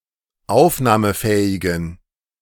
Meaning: inflection of aufnahmefähig: 1. strong genitive masculine/neuter singular 2. weak/mixed genitive/dative all-gender singular 3. strong/weak/mixed accusative masculine singular 4. strong dative plural
- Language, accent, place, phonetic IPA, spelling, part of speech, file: German, Germany, Berlin, [ˈaʊ̯fnaːməˌfɛːɪɡn̩], aufnahmefähigen, adjective, De-aufnahmefähigen.ogg